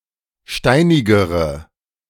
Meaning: inflection of steinig: 1. strong/mixed nominative/accusative feminine singular comparative degree 2. strong nominative/accusative plural comparative degree
- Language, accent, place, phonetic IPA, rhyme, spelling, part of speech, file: German, Germany, Berlin, [ˈʃtaɪ̯nɪɡəʁə], -aɪ̯nɪɡəʁə, steinigere, adjective, De-steinigere.ogg